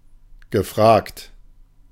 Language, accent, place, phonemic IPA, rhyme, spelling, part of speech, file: German, Germany, Berlin, /ɡəˈfʁaːkt/, -aːkt, gefragt, verb / adjective, De-gefragt.ogg
- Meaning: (verb) past participle of fragen (“to ask”); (adjective) in demand; requested; asked for